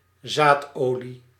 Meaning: oil obtained from seeds
- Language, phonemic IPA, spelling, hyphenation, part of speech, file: Dutch, /ˈzaːtˌoː.li/, zaadolie, zaad‧olie, noun, Nl-zaadolie.ogg